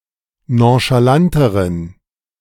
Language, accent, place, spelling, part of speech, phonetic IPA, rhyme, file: German, Germany, Berlin, nonchalanteren, adjective, [ˌnõʃaˈlantəʁən], -antəʁən, De-nonchalanteren.ogg
- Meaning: inflection of nonchalant: 1. strong genitive masculine/neuter singular comparative degree 2. weak/mixed genitive/dative all-gender singular comparative degree